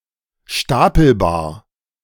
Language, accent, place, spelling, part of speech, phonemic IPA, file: German, Germany, Berlin, stapelbar, adjective, /ˈʃtapl̩baːɐ̯/, De-stapelbar.ogg
- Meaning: stackable